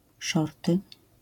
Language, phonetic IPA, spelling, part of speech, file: Polish, [ˈʃɔrtɨ], szorty, noun, LL-Q809 (pol)-szorty.wav